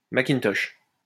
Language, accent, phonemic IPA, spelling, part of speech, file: French, France, /ma.kin.tɔʃ/, Macintosh, proper noun, LL-Q150 (fra)-Macintosh.wav
- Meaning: Macintosh